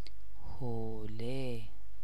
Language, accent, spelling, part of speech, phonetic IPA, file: Persian, Iran, حوله, noun, [how.lé], Fa-حوله.ogg
- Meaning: towel